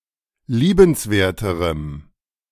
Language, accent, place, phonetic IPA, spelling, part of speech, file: German, Germany, Berlin, [ˈliːbənsˌveːɐ̯təʁəm], liebenswerterem, adjective, De-liebenswerterem.ogg
- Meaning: strong dative masculine/neuter singular comparative degree of liebenswert